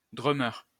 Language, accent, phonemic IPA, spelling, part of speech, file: French, France, /dʁœ.mœʁ/, drummer, noun, LL-Q150 (fra)-drummer.wav
- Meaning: drummer